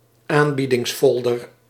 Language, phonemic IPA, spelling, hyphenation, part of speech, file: Dutch, /ˈaːn.bi.dɪŋsˌfɔl.dər/, aanbiedingsfolder, aan‧bie‧dings‧fol‧der, noun, Nl-aanbiedingsfolder.ogg
- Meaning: leaflet with advertising, especially for wares at discount prices